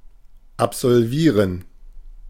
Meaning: 1. to pass, to finish (to successfully complete, especially of educational units) 2. to absolve (to pronounce free or give absolution from sin)
- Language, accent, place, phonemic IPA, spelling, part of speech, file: German, Germany, Berlin, /apzɔlˈviːʁən/, absolvieren, verb, De-absolvieren.ogg